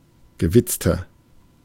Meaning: 1. comparative degree of gewitzt 2. inflection of gewitzt: strong/mixed nominative masculine singular 3. inflection of gewitzt: strong genitive/dative feminine singular
- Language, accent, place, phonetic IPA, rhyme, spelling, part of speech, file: German, Germany, Berlin, [ɡəˈvɪt͡stɐ], -ɪt͡stɐ, gewitzter, adjective, De-gewitzter.ogg